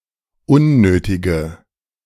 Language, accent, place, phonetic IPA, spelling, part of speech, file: German, Germany, Berlin, [ˈʊnˌnøːtɪɡə], unnötige, adjective, De-unnötige.ogg
- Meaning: inflection of unnötig: 1. strong/mixed nominative/accusative feminine singular 2. strong nominative/accusative plural 3. weak nominative all-gender singular 4. weak accusative feminine/neuter singular